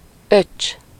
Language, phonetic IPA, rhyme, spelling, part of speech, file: Hungarian, [ˈøt͡ʃː], -øt͡ʃː, öcs, noun, Hu-öcs.ogg
- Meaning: 1. younger brother 2. kid, dude, bro, man (form of address) 3. synonym of húg (“younger sister”)